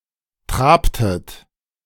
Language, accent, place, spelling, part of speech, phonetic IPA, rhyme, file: German, Germany, Berlin, trabtet, verb, [ˈtʁaːptət], -aːptət, De-trabtet.ogg
- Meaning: inflection of traben: 1. second-person plural preterite 2. second-person plural subjunctive II